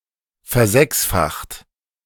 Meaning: 1. past participle of versechsfachen 2. inflection of versechsfachen: second-person plural present 3. inflection of versechsfachen: third-person singular present
- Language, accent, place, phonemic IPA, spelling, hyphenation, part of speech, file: German, Germany, Berlin, /fɛɐ̯ˈzɛksfaxt/, versechsfacht, ver‧sechs‧facht, verb, De-versechsfacht.ogg